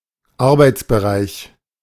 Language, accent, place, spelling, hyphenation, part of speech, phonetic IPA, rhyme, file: German, Germany, Berlin, Arbeitsbereich, Ar‧beits‧be‧reich, noun, [ˈaʁbaɪ̯tsˌʔbəˈʁaɪ̯ç], -aɪ̯ç, De-Arbeitsbereich.ogg
- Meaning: 1. workspace 2. area of operations, area of responsibility